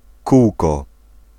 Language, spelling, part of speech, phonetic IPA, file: Polish, kółko, noun, [ˈkuwkɔ], Pl-kółko.ogg